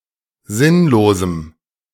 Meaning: strong dative masculine/neuter singular of sinnlos
- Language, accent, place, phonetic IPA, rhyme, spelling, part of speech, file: German, Germany, Berlin, [ˈzɪnloːzm̩], -ɪnloːzm̩, sinnlosem, adjective, De-sinnlosem.ogg